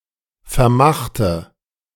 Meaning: inflection of vermachen: 1. first/third-person singular preterite 2. first/third-person singular subjunctive II
- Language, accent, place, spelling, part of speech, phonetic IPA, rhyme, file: German, Germany, Berlin, vermachte, adjective / verb, [fɛɐ̯ˈmaxtə], -axtə, De-vermachte.ogg